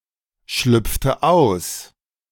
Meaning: inflection of ausschlüpfen: 1. first/third-person singular preterite 2. first/third-person singular subjunctive II
- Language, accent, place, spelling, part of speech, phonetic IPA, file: German, Germany, Berlin, schlüpfte aus, verb, [ˌʃlʏp͡ftə ˈaʊ̯s], De-schlüpfte aus.ogg